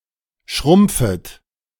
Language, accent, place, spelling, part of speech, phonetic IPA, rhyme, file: German, Germany, Berlin, schrumpfet, verb, [ˈʃʁʊmp͡fət], -ʊmp͡fət, De-schrumpfet.ogg
- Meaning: second-person plural subjunctive I of schrumpfen